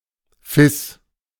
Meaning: F♯, F-sharp (the musical note one semitone above F)
- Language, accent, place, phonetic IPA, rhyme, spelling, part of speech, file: German, Germany, Berlin, [fɪs], -ɪs, Fis, noun, De-Fis.ogg